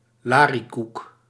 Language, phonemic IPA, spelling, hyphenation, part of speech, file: Dutch, /ˈlaː.riˌkuk/, lariekoek, la‧rie‧koek, noun / interjection, Nl-lariekoek.ogg
- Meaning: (noun) nonsense, babble, bullshit; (interjection) nonsense, bullshit